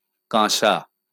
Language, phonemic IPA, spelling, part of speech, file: Bengali, /kãsa/, কাঁসা, noun, LL-Q9610 (ben)-কাঁসা.wav
- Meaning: bell metal